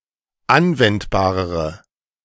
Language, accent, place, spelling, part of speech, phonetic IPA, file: German, Germany, Berlin, anwendbarere, adjective, [ˈanvɛntbaːʁəʁə], De-anwendbarere.ogg
- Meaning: inflection of anwendbar: 1. strong/mixed nominative/accusative feminine singular comparative degree 2. strong nominative/accusative plural comparative degree